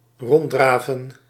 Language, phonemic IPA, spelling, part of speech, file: Dutch, /ˈrɔndravən/, ronddraven, verb, Nl-ronddraven.ogg
- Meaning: to trot about